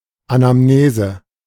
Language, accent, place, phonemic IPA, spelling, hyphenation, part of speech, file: German, Germany, Berlin, /anamˈneːzə/, Anamnese, Ana‧m‧ne‧se, noun, De-Anamnese.ogg
- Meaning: 1. anamnesis (medical history of a patient) 2. anamnesis, figurally: the history of a concept